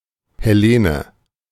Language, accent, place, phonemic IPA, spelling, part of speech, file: German, Germany, Berlin, /heˈleːnə/, Helene, proper noun, De-Helene.ogg
- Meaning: a female given name, equivalent to English Helen